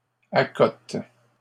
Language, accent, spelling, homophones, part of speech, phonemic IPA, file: French, Canada, accote, accotent / accotes, verb, /a.kɔt/, LL-Q150 (fra)-accote.wav
- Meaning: inflection of accoter: 1. first/third-person singular present indicative/subjunctive 2. second-person singular imperative